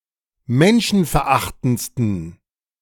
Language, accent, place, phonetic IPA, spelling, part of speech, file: German, Germany, Berlin, [ˈmɛnʃn̩fɛɐ̯ˌʔaxtn̩t͡stən], menschenverachtendsten, adjective, De-menschenverachtendsten.ogg
- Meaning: 1. superlative degree of menschenverachtend 2. inflection of menschenverachtend: strong genitive masculine/neuter singular superlative degree